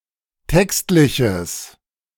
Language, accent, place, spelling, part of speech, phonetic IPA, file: German, Germany, Berlin, textliches, adjective, [ˈtɛkstlɪçəs], De-textliches.ogg
- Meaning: strong/mixed nominative/accusative neuter singular of textlich